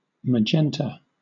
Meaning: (noun) A color which is close to the equal mixture of red and blue which is an additive secondary color but a subtractive primary color evoked by the combination of red and light blue
- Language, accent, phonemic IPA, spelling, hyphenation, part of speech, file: English, Southern England, /məˈd͡ʒɛntə/, magenta, ma‧gen‧ta, noun / adjective, LL-Q1860 (eng)-magenta.wav